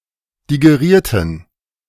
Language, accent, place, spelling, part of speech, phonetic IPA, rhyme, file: German, Germany, Berlin, digerierten, adjective / verb, [diɡeˈʁiːɐ̯tn̩], -iːɐ̯tn̩, De-digerierten.ogg
- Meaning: inflection of digerieren: 1. first/third-person plural preterite 2. first/third-person plural subjunctive II